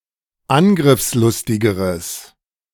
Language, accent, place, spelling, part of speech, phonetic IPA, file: German, Germany, Berlin, angriffslustigeres, adjective, [ˈanɡʁɪfsˌlʊstɪɡəʁəs], De-angriffslustigeres.ogg
- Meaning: strong/mixed nominative/accusative neuter singular comparative degree of angriffslustig